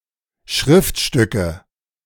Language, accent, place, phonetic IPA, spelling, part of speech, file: German, Germany, Berlin, [ˈʃʁɪftˌʃtʏkə], Schriftstücke, noun, De-Schriftstücke.ogg
- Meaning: nominative/accusative/genitive plural of Schriftstück